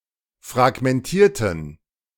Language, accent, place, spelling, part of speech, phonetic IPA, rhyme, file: German, Germany, Berlin, fragmentierten, adjective / verb, [fʁaɡmɛnˈtiːɐ̯tn̩], -iːɐ̯tn̩, De-fragmentierten.ogg
- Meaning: inflection of fragmentieren: 1. first/third-person plural preterite 2. first/third-person plural subjunctive II